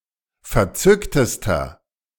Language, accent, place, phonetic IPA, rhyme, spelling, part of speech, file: German, Germany, Berlin, [fɛɐ̯ˈt͡sʏktəstɐ], -ʏktəstɐ, verzücktester, adjective, De-verzücktester.ogg
- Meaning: inflection of verzückt: 1. strong/mixed nominative masculine singular superlative degree 2. strong genitive/dative feminine singular superlative degree 3. strong genitive plural superlative degree